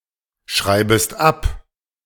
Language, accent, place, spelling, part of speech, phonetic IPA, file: German, Germany, Berlin, schreibest ab, verb, [ˌʃʁaɪ̯bəst ˈap], De-schreibest ab.ogg
- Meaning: second-person singular subjunctive I of abschreiben